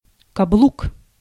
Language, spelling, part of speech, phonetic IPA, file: Russian, каблук, noun, [kɐˈbɫuk], Ru-каблук.ogg
- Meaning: 1. heel (part of shoe) 2. an IZh-2715 small truck 3. a tactical combination 4. submissive husband